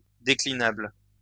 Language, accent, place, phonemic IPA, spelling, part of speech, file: French, France, Lyon, /de.kli.nabl/, déclinable, adjective, LL-Q150 (fra)-déclinable.wav
- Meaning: declinable